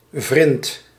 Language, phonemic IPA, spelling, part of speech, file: Dutch, /vrɪnt/, vrind, noun, Nl-vrind.ogg
- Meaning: alternative form of vriend